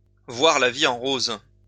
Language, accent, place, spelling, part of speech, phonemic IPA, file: French, France, Lyon, voir la vie en rose, verb, /vwaʁ la vi ɑ̃ ʁoz/, LL-Q150 (fra)-voir la vie en rose.wav
- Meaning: to wear rose-colored glasses